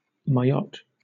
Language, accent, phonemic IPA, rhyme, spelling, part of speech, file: English, Southern England, /maɪˈɒt/, -ɒt, Mayotte, proper noun, LL-Q1860 (eng)-Mayotte.wav
- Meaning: An archipelago, overseas department, and administrative region of France, formerly an overseas territorial collectivity, located between Africa's mainland and Madagascar